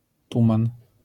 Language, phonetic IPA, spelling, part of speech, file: Polish, [ˈtũmãn], tuman, noun, LL-Q809 (pol)-tuman.wav